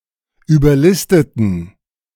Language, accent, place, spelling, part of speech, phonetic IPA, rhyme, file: German, Germany, Berlin, überlisteten, adjective / verb, [yːbɐˈlɪstətn̩], -ɪstətn̩, De-überlisteten.ogg
- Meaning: inflection of überlisten: 1. first/third-person plural preterite 2. first/third-person plural subjunctive II